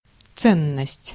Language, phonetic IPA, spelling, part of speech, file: Russian, [ˈt͡sɛnːəsʲtʲ], ценность, noun, Ru-ценность.ogg
- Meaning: 1. value, importance, worth 2. valuable (often in plural)